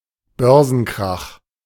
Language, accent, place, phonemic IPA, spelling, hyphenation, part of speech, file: German, Germany, Berlin, /ˈbœʁzn̩ˌkʁax/, Börsenkrach, Bör‧sen‧krach, noun, De-Börsenkrach.ogg
- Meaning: stock market crash (a sudden and severe fall in stock prices across a substantial part of a stock market, often accompanied by panic selling and major market disruption)